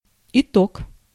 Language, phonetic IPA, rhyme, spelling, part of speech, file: Russian, [ɪˈtok], -ok, итог, noun, Ru-итог.ogg
- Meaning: 1. sum, total 2. result